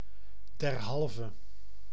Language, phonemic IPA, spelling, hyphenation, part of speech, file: Dutch, /dɛrˈɦɑl.və/, derhalve, der‧hal‧ve, adverb, Nl-derhalve.ogg
- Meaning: therefore